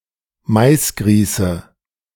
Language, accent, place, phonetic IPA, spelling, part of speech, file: German, Germany, Berlin, [ˈmaɪ̯sˌɡʁiːsə], Maisgrieße, noun, De-Maisgrieße.ogg
- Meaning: nominative/accusative/genitive plural of Maisgrieß